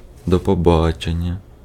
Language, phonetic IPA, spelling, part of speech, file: Ukrainian, [dɔ pɔˈbat͡ʃenʲːɐ], до побачення, interjection, Uk-до побачення.ogg
- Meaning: goodbye, see you later, until we meet again